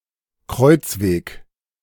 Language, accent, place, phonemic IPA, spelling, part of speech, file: German, Germany, Berlin, /ˈkʁɔɪ̯t͡sˌveːk/, Kreuzweg, noun, De-Kreuzweg.ogg
- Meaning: 1. crossroads 2. Way of the Cross